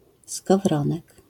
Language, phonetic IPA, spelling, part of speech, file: Polish, [skɔvˈrɔ̃nɛk], skowronek, noun, LL-Q809 (pol)-skowronek.wav